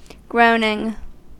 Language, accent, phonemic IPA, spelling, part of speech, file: English, US, /ˈɡɹoʊnɪŋ/, groaning, adjective / noun / verb, En-us-groaning.ogg
- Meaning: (adjective) 1. That groans 2. Heavily laden, as if to creak under the strain; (noun) A low sound associated with extended suffering, sorrow, and toil